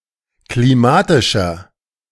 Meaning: inflection of klimatisch: 1. strong/mixed nominative masculine singular 2. strong genitive/dative feminine singular 3. strong genitive plural
- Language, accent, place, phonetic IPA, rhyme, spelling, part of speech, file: German, Germany, Berlin, [kliˈmaːtɪʃɐ], -aːtɪʃɐ, klimatischer, adjective, De-klimatischer.ogg